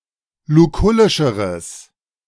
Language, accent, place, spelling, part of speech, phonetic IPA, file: German, Germany, Berlin, lukullischeres, adjective, [luˈkʊlɪʃəʁəs], De-lukullischeres.ogg
- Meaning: strong/mixed nominative/accusative neuter singular comparative degree of lukullisch